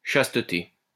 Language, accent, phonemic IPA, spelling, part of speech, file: French, France, /ʃas.tə.te/, chasteté, noun, LL-Q150 (fra)-chasteté.wav
- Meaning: chastity